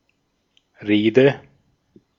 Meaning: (noun) speech, address; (interjection) Used to show agreement, true, facts, this, on God
- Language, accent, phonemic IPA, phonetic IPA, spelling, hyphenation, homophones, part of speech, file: German, Austria, /ˈreːdə/, [ˈʁeːdə], Rede, Re‧de, Reede, noun / interjection, De-at-Rede.ogg